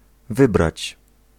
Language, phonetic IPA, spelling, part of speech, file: Polish, [ˈvɨbrat͡ɕ], wybrać, verb, Pl-wybrać.ogg